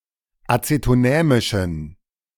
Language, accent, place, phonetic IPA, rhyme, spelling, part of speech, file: German, Germany, Berlin, [ˌat͡setoˈnɛːmɪʃn̩], -ɛːmɪʃn̩, acetonämischen, adjective, De-acetonämischen.ogg
- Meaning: inflection of acetonämisch: 1. strong genitive masculine/neuter singular 2. weak/mixed genitive/dative all-gender singular 3. strong/weak/mixed accusative masculine singular 4. strong dative plural